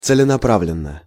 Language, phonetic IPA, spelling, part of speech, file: Russian, [t͡sɨlʲɪnɐˈpravlʲɪn(ː)ə], целенаправленно, adverb, Ru-целенаправленно.ogg
- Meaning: purposefully, in a dedicated or committed manner